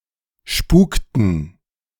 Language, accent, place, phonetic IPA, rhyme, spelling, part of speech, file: German, Germany, Berlin, [ˈʃpuːktn̩], -uːktn̩, spukten, verb, De-spukten.ogg
- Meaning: inflection of spuken: 1. first/third-person plural preterite 2. first/third-person plural subjunctive II